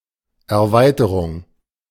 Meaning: extension, expansion; addon/add-on
- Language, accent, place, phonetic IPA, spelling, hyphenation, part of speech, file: German, Germany, Berlin, [ɛɐ̯ˈvaɪ̯təʁʊŋ], Erweiterung, Er‧wei‧te‧rung, noun, De-Erweiterung.ogg